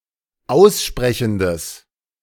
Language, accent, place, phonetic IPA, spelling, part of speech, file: German, Germany, Berlin, [ˈaʊ̯sˌʃpʁɛçn̩dəs], aussprechendes, adjective, De-aussprechendes.ogg
- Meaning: strong/mixed nominative/accusative neuter singular of aussprechend